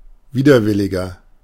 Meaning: 1. comparative degree of widerwillig 2. inflection of widerwillig: strong/mixed nominative masculine singular 3. inflection of widerwillig: strong genitive/dative feminine singular
- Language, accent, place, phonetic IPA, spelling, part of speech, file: German, Germany, Berlin, [ˈviːdɐˌvɪlɪɡɐ], widerwilliger, adjective, De-widerwilliger.ogg